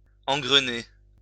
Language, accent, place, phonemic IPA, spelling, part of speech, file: French, France, Lyon, /ɑ̃.ɡʁə.ne/, engrener, verb, LL-Q150 (fra)-engrener.wav
- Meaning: 1. (of poultry) to fatten by feeding grain 2. to thresh 3. to fill with grain 4. to set in motion; to start; to begin 5. to engage or mesh (come into gear with) 6. to be caught on a slippery slope